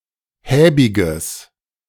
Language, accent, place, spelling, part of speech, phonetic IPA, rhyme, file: German, Germany, Berlin, häbiges, adjective, [ˈhɛːbɪɡəs], -ɛːbɪɡəs, De-häbiges.ogg
- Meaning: strong/mixed nominative/accusative neuter singular of häbig